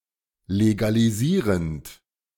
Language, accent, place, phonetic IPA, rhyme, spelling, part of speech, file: German, Germany, Berlin, [leɡaliˈziːʁənt], -iːʁənt, legalisierend, verb, De-legalisierend.ogg
- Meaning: present participle of legalisieren